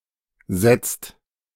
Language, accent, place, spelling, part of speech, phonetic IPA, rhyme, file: German, Germany, Berlin, setzt, verb, [zɛt͡st], -ɛt͡st, De-setzt.ogg
- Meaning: inflection of setzen: 1. second/third-person singular present 2. second-person plural present 3. plural imperative